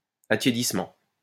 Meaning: 1. warming 2. cooling off (of enthusiasm etc)
- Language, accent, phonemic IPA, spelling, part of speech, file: French, France, /a.tje.dis.mɑ̃/, attiédissement, noun, LL-Q150 (fra)-attiédissement.wav